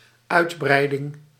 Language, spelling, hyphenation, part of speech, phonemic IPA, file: Dutch, uitbreiding, uit‧brei‧ding, noun, /ˈœy̯tˌbrɛi̯.dɪŋ/, Nl-uitbreiding.ogg
- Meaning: 1. extension, expansion 2. short for uitbreidingspakket